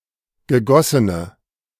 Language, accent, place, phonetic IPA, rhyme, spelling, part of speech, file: German, Germany, Berlin, [ɡəˈɡɔsənə], -ɔsənə, gegossene, adjective, De-gegossene.ogg
- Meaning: inflection of gegossen: 1. strong/mixed nominative/accusative feminine singular 2. strong nominative/accusative plural 3. weak nominative all-gender singular